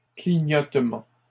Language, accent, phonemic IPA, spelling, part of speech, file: French, Canada, /kli.ɲɔt.mɑ̃/, clignotement, noun, LL-Q150 (fra)-clignotement.wav
- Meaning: blink, blinking